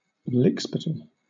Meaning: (noun) 1. A fawning toady; a base sycophant 2. The practice of giving empty flattery for personal gain; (verb) To play the toady; take the role of a lickspittle to please (someone)
- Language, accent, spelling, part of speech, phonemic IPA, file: English, Southern England, lickspittle, noun / verb, /ˈlɪkspɪtl/, LL-Q1860 (eng)-lickspittle.wav